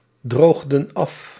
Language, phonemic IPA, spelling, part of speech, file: Dutch, /ˈdroɣdə(n) ˈɑf/, droogden af, verb, Nl-droogden af.ogg
- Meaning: inflection of afdrogen: 1. plural past indicative 2. plural past subjunctive